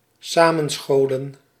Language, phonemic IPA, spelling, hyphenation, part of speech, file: Dutch, /ˈsaː.mə(n)ˌsxoː.lə(n)/, samenscholen, sa‧men‧scho‧len, verb, Nl-samenscholen.ogg
- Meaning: to gather, to assemble, to join up, usually in public